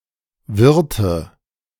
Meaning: inflection of wirren: 1. first/third-person singular preterite 2. first/third-person singular subjunctive II
- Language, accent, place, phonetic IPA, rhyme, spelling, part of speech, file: German, Germany, Berlin, [ˈvɪʁtə], -ɪʁtə, wirrte, verb, De-wirrte.ogg